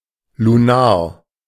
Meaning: lunar
- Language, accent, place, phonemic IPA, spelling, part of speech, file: German, Germany, Berlin, /luˈnaːɐ̯/, lunar, adjective, De-lunar.ogg